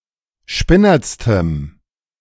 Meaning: strong dative masculine/neuter singular superlative degree of spinnert
- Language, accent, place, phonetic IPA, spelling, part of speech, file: German, Germany, Berlin, [ˈʃpɪnɐt͡stəm], spinnertstem, adjective, De-spinnertstem.ogg